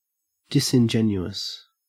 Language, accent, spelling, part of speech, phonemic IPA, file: English, Australia, disingenuous, adjective, /ˌdɪ.sɪnˈd͡ʒɛn.ju.əs/, En-au-disingenuous.ogg
- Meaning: 1. Not honourable; unworthy of honour 2. Not ingenuous; not frank or open 3. Assuming a pose of naïveté to make a point or for deception